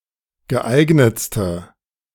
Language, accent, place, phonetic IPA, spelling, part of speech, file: German, Germany, Berlin, [ɡəˈʔaɪ̯ɡnət͡stə], geeignetste, adjective, De-geeignetste.ogg
- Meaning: inflection of geeignet: 1. strong/mixed nominative/accusative feminine singular superlative degree 2. strong nominative/accusative plural superlative degree